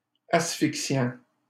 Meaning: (verb) present participle of asphyxier; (adjective) asphyxiant
- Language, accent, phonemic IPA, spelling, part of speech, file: French, Canada, /as.fik.sjɑ̃/, asphyxiant, verb / adjective, LL-Q150 (fra)-asphyxiant.wav